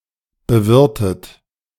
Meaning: past participle of bewirten
- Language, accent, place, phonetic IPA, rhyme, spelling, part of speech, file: German, Germany, Berlin, [bəˈvɪʁtət], -ɪʁtət, bewirtet, verb, De-bewirtet.ogg